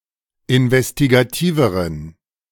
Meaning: inflection of investigativ: 1. strong genitive masculine/neuter singular comparative degree 2. weak/mixed genitive/dative all-gender singular comparative degree
- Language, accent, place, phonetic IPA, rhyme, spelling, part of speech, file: German, Germany, Berlin, [ɪnvɛstiɡaˈtiːvəʁən], -iːvəʁən, investigativeren, adjective, De-investigativeren.ogg